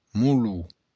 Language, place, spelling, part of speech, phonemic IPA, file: Occitan, Béarn, molon, noun, /muˈlu/, LL-Q14185 (oci)-molon.wav
- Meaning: 1. stack, heap 2. city block 3. neighborhood